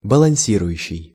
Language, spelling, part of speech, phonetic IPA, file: Russian, балансирующий, verb, [bəɫɐn⁽ʲ⁾ˈsʲirʊjʉɕːɪj], Ru-балансирующий.ogg
- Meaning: present active imperfective participle of баланси́ровать (balansírovatʹ)